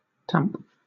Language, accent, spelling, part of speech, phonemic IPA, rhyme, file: English, Southern England, tamp, verb, /tæmp/, -æmp, LL-Q1860 (eng)-tamp.wav
- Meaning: 1. To plug up with clay, earth, dry sand, sod, or other material, as a hole bored in a rock 2. To drive in or pack down by frequent gentle strokes 3. To reduce the intensity of